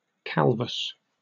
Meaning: 1. Lacking most or all of one's hair; bald, hairless 2. Lacking bristles or pappuses
- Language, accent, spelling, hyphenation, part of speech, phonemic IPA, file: English, Received Pronunciation, calvous, calv‧ous, adjective, /ˈkælvəs/, En-uk-calvous.oga